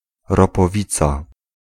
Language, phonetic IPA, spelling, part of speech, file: Polish, [ˌrɔpɔˈvʲit͡sa], ropowica, noun, Pl-ropowica.ogg